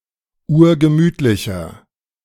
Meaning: 1. comparative degree of urgemütlich 2. inflection of urgemütlich: strong/mixed nominative masculine singular 3. inflection of urgemütlich: strong genitive/dative feminine singular
- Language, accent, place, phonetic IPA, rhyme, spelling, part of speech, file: German, Germany, Berlin, [ˈuːɐ̯ɡəˈmyːtlɪçɐ], -yːtlɪçɐ, urgemütlicher, adjective, De-urgemütlicher.ogg